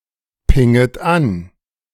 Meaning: second-person plural subjunctive I of anpingen
- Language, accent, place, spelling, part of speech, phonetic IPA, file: German, Germany, Berlin, pinget an, verb, [ˌpɪŋət ˈan], De-pinget an.ogg